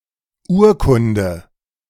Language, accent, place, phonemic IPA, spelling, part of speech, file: German, Germany, Berlin, /ˈuːɐ̯kʊndə/, Urkunde, noun, De-Urkunde.ogg
- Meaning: 1. document 2. certificate, legal instrument